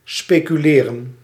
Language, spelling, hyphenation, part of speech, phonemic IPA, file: Dutch, speculeren, spe‧cu‧le‧ren, verb, /ˌspeː.kyˈleː.rə(n)/, Nl-speculeren.ogg
- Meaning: 1. to speculate, to imagine, to guess 2. to speculate, to make a risky trade